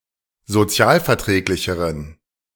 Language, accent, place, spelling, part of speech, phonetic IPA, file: German, Germany, Berlin, sozialverträglicheren, adjective, [zoˈt͡si̯aːlfɛɐ̯ˌtʁɛːklɪçəʁən], De-sozialverträglicheren.ogg
- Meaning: inflection of sozialverträglich: 1. strong genitive masculine/neuter singular comparative degree 2. weak/mixed genitive/dative all-gender singular comparative degree